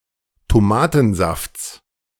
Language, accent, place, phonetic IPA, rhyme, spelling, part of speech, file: German, Germany, Berlin, [toˈmaːtn̩ˌzaft͡s], -aːtn̩zaft͡s, Tomatensafts, noun, De-Tomatensafts.ogg
- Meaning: genitive singular of Tomatensaft